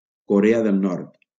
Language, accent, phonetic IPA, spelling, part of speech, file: Catalan, Valencia, [koˈɾe.a ðel ˈnɔɾt], Corea del Nord, proper noun, LL-Q7026 (cat)-Corea del Nord.wav
- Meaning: North Korea (a country in East Asia, whose territory consists of the northern part of Korea)